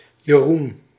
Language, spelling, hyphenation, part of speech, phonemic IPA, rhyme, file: Dutch, Jeroen, Je‧roen, proper noun, /jəˈrun/, -un, Nl-Jeroen.ogg
- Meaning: a male given name, equivalent to English Jerome or Jeremy